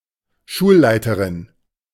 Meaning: A female director (principal, head, headmistress)
- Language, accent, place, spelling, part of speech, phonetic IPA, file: German, Germany, Berlin, Schulleiterin, noun, [ˈʃuːlˌlaɪ̯təʁɪn], De-Schulleiterin.ogg